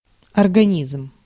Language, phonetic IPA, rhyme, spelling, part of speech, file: Russian, [ɐrɡɐˈnʲizm], -izm, организм, noun, Ru-организм.ogg
- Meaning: 1. system of organs making up the body of a living thing 2. organism (living thing, usually a small and simplistic one) 3. a complex structure or mechanism